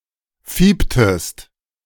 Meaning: inflection of fiepen: 1. second-person singular preterite 2. second-person singular subjunctive II
- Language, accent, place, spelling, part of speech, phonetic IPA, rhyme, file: German, Germany, Berlin, fieptest, verb, [ˈfiːptəst], -iːptəst, De-fieptest.ogg